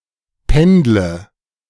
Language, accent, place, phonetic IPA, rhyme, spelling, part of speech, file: German, Germany, Berlin, [ˈpɛndlə], -ɛndlə, pendle, verb, De-pendle.ogg
- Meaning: inflection of pendeln: 1. first-person singular present 2. singular imperative 3. first/third-person singular subjunctive I